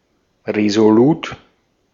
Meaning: resolute, determined
- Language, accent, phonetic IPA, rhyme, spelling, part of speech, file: German, Austria, [ʁezoˈluːt], -uːt, resolut, adjective, De-at-resolut.ogg